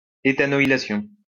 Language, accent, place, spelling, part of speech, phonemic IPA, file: French, France, Lyon, éthanoylation, noun, /e.ta.nɔ.i.la.sjɔ̃/, LL-Q150 (fra)-éthanoylation.wav
- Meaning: ethanoylation